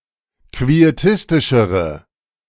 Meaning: inflection of quietistisch: 1. strong/mixed nominative/accusative feminine singular comparative degree 2. strong nominative/accusative plural comparative degree
- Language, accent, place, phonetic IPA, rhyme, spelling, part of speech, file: German, Germany, Berlin, [kvieˈtɪstɪʃəʁə], -ɪstɪʃəʁə, quietistischere, adjective, De-quietistischere.ogg